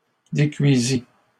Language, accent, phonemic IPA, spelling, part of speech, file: French, Canada, /de.kɥi.zi/, décuisît, verb, LL-Q150 (fra)-décuisît.wav
- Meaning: third-person singular imperfect subjunctive of décuire